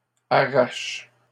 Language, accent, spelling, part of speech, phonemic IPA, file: French, Canada, arrache, verb, /a.ʁaʃ/, LL-Q150 (fra)-arrache.wav
- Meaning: inflection of arracher: 1. first/third-person singular present indicative/subjunctive 2. second-person singular imperative